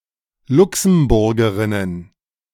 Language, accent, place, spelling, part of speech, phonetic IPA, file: German, Germany, Berlin, Luxemburgerinnen, noun, [ˈlʊksm̩ˌbʊʁɡəʁɪnən], De-Luxemburgerinnen.ogg
- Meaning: plural of Luxemburgerin